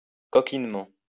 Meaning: cheekily, playfully
- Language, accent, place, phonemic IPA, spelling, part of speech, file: French, France, Lyon, /kɔ.kin.mɑ̃/, coquinement, adverb, LL-Q150 (fra)-coquinement.wav